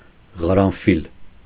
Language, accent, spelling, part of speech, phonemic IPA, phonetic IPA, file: Armenian, Eastern Armenian, ղարանֆիլ, noun, /ʁɑɾɑnˈfil/, [ʁɑɾɑnfíl], Hy-ղարանֆիլ.ogg
- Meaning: 1. carnation (flower) 2. clove (spice)